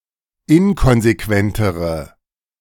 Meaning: inflection of inkonsequent: 1. strong/mixed nominative/accusative feminine singular comparative degree 2. strong nominative/accusative plural comparative degree
- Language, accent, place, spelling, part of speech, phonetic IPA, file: German, Germany, Berlin, inkonsequentere, adjective, [ˈɪnkɔnzeˌkvɛntəʁə], De-inkonsequentere.ogg